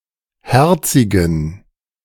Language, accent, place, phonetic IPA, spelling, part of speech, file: German, Germany, Berlin, [ˈhɛʁt͡sɪɡn̩], herzigen, adjective, De-herzigen.ogg
- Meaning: inflection of herzig: 1. strong genitive masculine/neuter singular 2. weak/mixed genitive/dative all-gender singular 3. strong/weak/mixed accusative masculine singular 4. strong dative plural